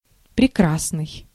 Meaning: 1. beautiful 2. fine, splendid, excellent, nice
- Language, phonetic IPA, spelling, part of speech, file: Russian, [prʲɪˈkrasnɨj], прекрасный, adjective, Ru-прекрасный.ogg